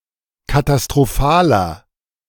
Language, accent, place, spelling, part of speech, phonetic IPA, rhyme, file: German, Germany, Berlin, katastrophaler, adjective, [katastʁoˈfaːlɐ], -aːlɐ, De-katastrophaler.ogg
- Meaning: 1. comparative degree of katastrophal 2. inflection of katastrophal: strong/mixed nominative masculine singular 3. inflection of katastrophal: strong genitive/dative feminine singular